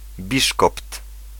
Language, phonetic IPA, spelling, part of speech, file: Polish, [ˈbʲiʃkɔpt], biszkopt, noun, Pl-biszkopt.ogg